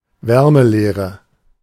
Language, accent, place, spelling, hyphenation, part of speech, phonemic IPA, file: German, Germany, Berlin, Wärmelehre, Wär‧me‧leh‧re, noun, /ˈvɛʁməˌleːʁə/, De-Wärmelehre.ogg
- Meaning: thermodynamics